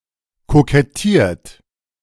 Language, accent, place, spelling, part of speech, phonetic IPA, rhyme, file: German, Germany, Berlin, kokettiert, verb, [kokɛˈtiːɐ̯t], -iːɐ̯t, De-kokettiert.ogg
- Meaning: 1. past participle of kokettieren 2. inflection of kokettieren: third-person singular present 3. inflection of kokettieren: second-person plural present 4. inflection of kokettieren: plural imperative